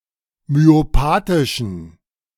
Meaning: inflection of myopathisch: 1. strong genitive masculine/neuter singular 2. weak/mixed genitive/dative all-gender singular 3. strong/weak/mixed accusative masculine singular 4. strong dative plural
- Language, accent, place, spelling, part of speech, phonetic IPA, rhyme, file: German, Germany, Berlin, myopathischen, adjective, [myoˈpaːtɪʃn̩], -aːtɪʃn̩, De-myopathischen.ogg